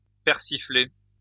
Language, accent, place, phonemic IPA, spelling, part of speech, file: French, France, Lyon, /pɛʁ.si.fle/, persiffler, verb, LL-Q150 (fra)-persiffler.wav
- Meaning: post-1990 spelling of persifler